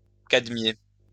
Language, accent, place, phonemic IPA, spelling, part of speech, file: French, France, Lyon, /kad.mje/, cadmier, verb, LL-Q150 (fra)-cadmier.wav
- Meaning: to electroplate with a thin layer of cadmium